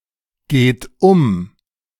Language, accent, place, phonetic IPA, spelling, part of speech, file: German, Germany, Berlin, [ɡeːt ˈʊm], geht um, verb, De-geht um.ogg
- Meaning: 1. inflection of umgehen 2. inflection of umgehen: third-person singular present 3. inflection of umgehen: second-person plural present 4. inflection of umgehen: plural imperative